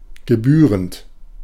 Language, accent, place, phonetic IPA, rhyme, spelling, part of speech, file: German, Germany, Berlin, [ɡəˈbyːʁənt], -yːʁənt, gebührend, adjective / verb, De-gebührend.ogg
- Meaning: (verb) present participle of gebühren; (adjective) befitting, worthy